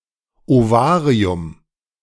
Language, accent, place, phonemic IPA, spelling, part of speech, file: German, Germany, Berlin, /ʔovaːʁi̯ʊm/, Ovarium, noun, De-Ovarium.ogg
- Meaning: ovary